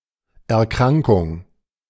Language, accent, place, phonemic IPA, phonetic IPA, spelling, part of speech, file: German, Germany, Berlin, /ɛrˈkraŋkʊŋ/, [ʔɛɐ̯ˈkʁaŋkʊŋ], Erkrankung, noun, De-Erkrankung.ogg
- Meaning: 1. the act or process of falling ill 2. illness; disease